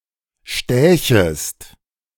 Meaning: second-person singular subjunctive II of stechen
- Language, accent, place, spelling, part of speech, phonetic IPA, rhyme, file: German, Germany, Berlin, stächest, verb, [ˈʃtɛːçəst], -ɛːçəst, De-stächest.ogg